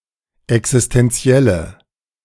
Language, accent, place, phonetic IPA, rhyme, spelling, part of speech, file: German, Germany, Berlin, [ɛksɪstɛnˈt͡si̯ɛlə], -ɛlə, existentielle, adjective, De-existentielle.ogg
- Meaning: inflection of existentiell: 1. strong/mixed nominative/accusative feminine singular 2. strong nominative/accusative plural 3. weak nominative all-gender singular